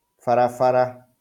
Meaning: road
- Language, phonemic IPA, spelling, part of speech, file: Kikuyu, /βàɾàβàɾà(ꜜ)/, barabara, noun, LL-Q33587 (kik)-barabara.wav